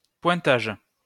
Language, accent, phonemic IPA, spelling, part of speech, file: French, France, /pwɛ̃.taʒ/, pointage, noun, LL-Q150 (fra)-pointage.wav
- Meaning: 1. ticking off 2. checking in 3. scrutiny